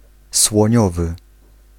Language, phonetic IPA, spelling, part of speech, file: Polish, [swɔ̃ˈɲɔvɨ], słoniowy, adjective, Pl-słoniowy.ogg